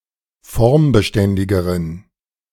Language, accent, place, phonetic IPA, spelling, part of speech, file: German, Germany, Berlin, [ˈfɔʁmbəˌʃtɛndɪɡəʁən], formbeständigeren, adjective, De-formbeständigeren.ogg
- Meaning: inflection of formbeständig: 1. strong genitive masculine/neuter singular comparative degree 2. weak/mixed genitive/dative all-gender singular comparative degree